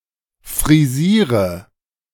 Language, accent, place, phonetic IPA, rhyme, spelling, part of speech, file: German, Germany, Berlin, [fʁiˈziːʁə], -iːʁə, frisiere, verb, De-frisiere.ogg
- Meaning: inflection of frisieren: 1. first-person singular present 2. singular imperative 3. first/third-person singular subjunctive I